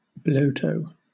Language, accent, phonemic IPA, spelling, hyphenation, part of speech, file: English, Southern England, /b(ə)ˈləʊtəʊ/, blotto, blot‧to, noun, LL-Q1860 (eng)-blotto.wav
- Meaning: On Sulawesi: a hollowed-out tree trunk used as a boat